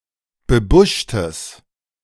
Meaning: strong/mixed nominative/accusative neuter singular of bebuscht
- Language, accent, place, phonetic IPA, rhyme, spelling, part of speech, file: German, Germany, Berlin, [bəˈbʊʃtəs], -ʊʃtəs, bebuschtes, adjective, De-bebuschtes.ogg